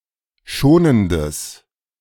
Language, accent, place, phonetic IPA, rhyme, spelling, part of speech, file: German, Germany, Berlin, [ˈʃoːnəndəs], -oːnəndəs, schonendes, adjective, De-schonendes.ogg
- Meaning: strong/mixed nominative/accusative neuter singular of schonend